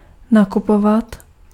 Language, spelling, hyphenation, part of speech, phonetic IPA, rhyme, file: Czech, nakupovat, na‧ku‧po‧vat, verb, [ˈnakupovat], -ovat, Cs-nakupovat.ogg
- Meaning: 1. to shop; to go shopping 2. to shop around